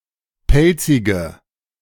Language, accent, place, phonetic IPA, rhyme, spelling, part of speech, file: German, Germany, Berlin, [ˈpɛlt͡sɪɡə], -ɛlt͡sɪɡə, pelzige, adjective, De-pelzige.ogg
- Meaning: inflection of pelzig: 1. strong/mixed nominative/accusative feminine singular 2. strong nominative/accusative plural 3. weak nominative all-gender singular 4. weak accusative feminine/neuter singular